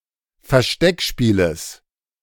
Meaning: genitive singular of Versteckspiel
- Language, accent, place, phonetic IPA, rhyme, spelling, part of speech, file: German, Germany, Berlin, [fɛɐ̯ˈʃtɛkˌʃpiːləs], -ɛkʃpiːləs, Versteckspieles, noun, De-Versteckspieles.ogg